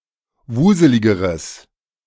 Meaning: strong/mixed nominative/accusative neuter singular comparative degree of wuselig
- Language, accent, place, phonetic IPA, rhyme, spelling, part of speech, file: German, Germany, Berlin, [ˈvuːzəlɪɡəʁəs], -uːzəlɪɡəʁəs, wuseligeres, adjective, De-wuseligeres.ogg